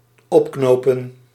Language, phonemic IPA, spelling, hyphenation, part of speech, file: Dutch, /ˈɔpˌknoː.pə(n)/, opknopen, op‧kno‧pen, verb, Nl-opknopen.ogg
- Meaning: 1. to hang, to string up (to execute by hanging) 2. to tie up